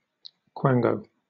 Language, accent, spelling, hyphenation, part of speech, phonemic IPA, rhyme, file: English, Southern England, quango, quan‧go, noun, /ˈkwæŋ.ɡəʊ/, -æŋɡəʊ, LL-Q1860 (eng)-quango.wav
- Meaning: An organization that, although financed by a government, acts independently of it